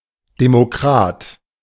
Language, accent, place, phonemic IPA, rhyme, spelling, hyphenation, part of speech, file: German, Germany, Berlin, /demoˈkʁaːt/, -aːt, Demokrat, De‧mo‧krat, noun, De-Demokrat.ogg
- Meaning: democrat